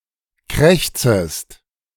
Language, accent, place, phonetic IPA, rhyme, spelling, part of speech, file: German, Germany, Berlin, [ˈkʁɛçt͡səst], -ɛçt͡səst, krächzest, verb, De-krächzest.ogg
- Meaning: second-person singular subjunctive I of krächzen